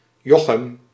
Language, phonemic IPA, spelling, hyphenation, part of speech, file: Dutch, /ˈjɔ.xəm/, Jochem, Jo‧chem, proper noun, Nl-Jochem.ogg
- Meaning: a male given name, shortened form of Joachim